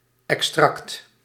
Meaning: 1. extract, decoction 2. abridgement of a text
- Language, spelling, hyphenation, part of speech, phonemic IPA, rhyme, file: Dutch, extract, ex‧tract, noun, /ɛkˈstrɑkt/, -ɑkt, Nl-extract.ogg